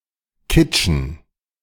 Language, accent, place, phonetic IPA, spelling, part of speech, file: German, Germany, Berlin, [ˈkɪtʃən], Kitschen, noun, De-Kitschen.ogg
- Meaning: plural of Kitsche